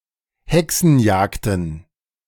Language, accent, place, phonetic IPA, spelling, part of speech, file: German, Germany, Berlin, [ˈhɛksn̩ˌjaːkdn̩], Hexenjagden, noun, De-Hexenjagden.ogg
- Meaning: plural of Hexenjagd